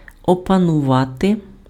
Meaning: 1. to master (become proficient in) 2. to master, to gain control over
- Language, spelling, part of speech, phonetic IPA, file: Ukrainian, опанувати, verb, [ɔpɐnʊˈʋate], Uk-опанувати.ogg